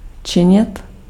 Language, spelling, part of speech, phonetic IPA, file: Czech, činit, verb, [ˈt͡ʃɪɲɪt], Cs-činit.ogg
- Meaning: 1. to make (to cause to be) 2. to tan (to change an animal hide into leather by soaking it in tannic acid)